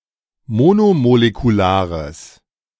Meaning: strong/mixed nominative/accusative neuter singular of monomolekular
- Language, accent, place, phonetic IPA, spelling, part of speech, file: German, Germany, Berlin, [ˈmoːnomolekuˌlaːʁəs], monomolekulares, adjective, De-monomolekulares.ogg